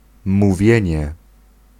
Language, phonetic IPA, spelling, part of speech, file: Polish, [muˈvʲjɛ̇̃ɲɛ], mówienie, noun, Pl-mówienie.ogg